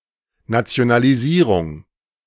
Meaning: nationalization
- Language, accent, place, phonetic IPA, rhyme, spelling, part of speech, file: German, Germany, Berlin, [ˌnat͡si̯onaliˈziːʁʊŋ], -iːʁʊŋ, Nationalisierung, noun, De-Nationalisierung.ogg